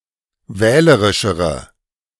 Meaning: inflection of wählerisch: 1. strong/mixed nominative/accusative feminine singular comparative degree 2. strong nominative/accusative plural comparative degree
- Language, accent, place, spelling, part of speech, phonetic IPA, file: German, Germany, Berlin, wählerischere, adjective, [ˈvɛːləʁɪʃəʁə], De-wählerischere.ogg